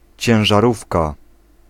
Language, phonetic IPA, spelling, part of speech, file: Polish, [ˌt͡ɕɛ̃w̃ʒaˈrufka], ciężarówka, noun, Pl-ciężarówka.ogg